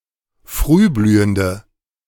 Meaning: inflection of frühblühend: 1. strong/mixed nominative/accusative feminine singular 2. strong nominative/accusative plural 3. weak nominative all-gender singular
- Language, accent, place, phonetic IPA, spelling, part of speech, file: German, Germany, Berlin, [ˈfʁyːˌblyːəndə], frühblühende, adjective, De-frühblühende.ogg